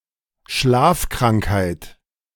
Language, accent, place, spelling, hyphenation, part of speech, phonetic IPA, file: German, Germany, Berlin, Schlafkrankheit, Schlaf‧krank‧heit, noun, [ˈʃlaːfˌkʁaŋkhaɪ̯t], De-Schlafkrankheit.ogg
- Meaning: sleeping sickness: 1. trypanosomiasis 2. narcolepsy